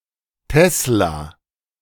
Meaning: tesla
- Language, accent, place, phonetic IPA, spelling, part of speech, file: German, Germany, Berlin, [ˈtɛsla], Tesla, noun, De-Tesla.ogg